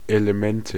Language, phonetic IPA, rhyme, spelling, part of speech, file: German, [eləˈmɛntə], -ɛntə, Elemente, noun, De-Elemente.ogg
- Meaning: nominative/accusative/genitive plural of Element